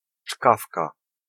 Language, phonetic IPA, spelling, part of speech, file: Polish, [ˈt͡ʃkafka], czkawka, noun, Pl-czkawka.ogg